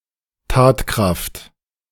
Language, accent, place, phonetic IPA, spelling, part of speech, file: German, Germany, Berlin, [ˈtaːtˌkʁaft], Tatkraft, noun, De-Tatkraft.ogg
- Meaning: energy for work